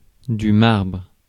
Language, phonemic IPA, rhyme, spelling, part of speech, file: French, /maʁbʁ/, -aʁbʁ, marbre, noun / verb, Fr-marbre.ogg
- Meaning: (noun) 1. marble (type of stone) 2. home plate; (verb) inflection of marbrer: 1. first/third-person singular present indicative/subjunctive 2. second-person singular imperative